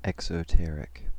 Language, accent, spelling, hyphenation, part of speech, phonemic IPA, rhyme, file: English, General American, exoteric, ex‧o‧ter‧ic, adjective / noun, /ˌɛksəˈtɛɹɪk/, -ɛɹɪk, En-us-exoteric.ogg
- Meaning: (adjective) Of a doctrine, information, etc.: suitable to be imparted to the public without secrecy or other reservations